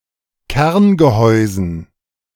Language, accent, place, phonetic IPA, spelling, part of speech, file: German, Germany, Berlin, [ˈkɛʁnɡəˌhɔɪ̯zn̩], Kerngehäusen, noun, De-Kerngehäusen.ogg
- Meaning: dative plural of Kerngehäuse